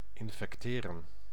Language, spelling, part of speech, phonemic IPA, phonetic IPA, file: Dutch, infecteren, verb, /ɪn.fɛkˈteː.rə(n)/, [ɪɱ.fɛkˈtɪː.rə(n)], Nl-infecteren.ogg
- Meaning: 1. to infect, bring into contact with a contagious germ causing illness 2. to contaminate, pass on (to ...) some undesirable idea, habit etc